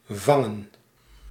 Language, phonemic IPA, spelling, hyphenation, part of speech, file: Dutch, /ˈvɑŋə(n)/, vangen, van‧gen, verb / noun, Nl-vangen.ogg
- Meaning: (verb) to catch; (noun) plural of vang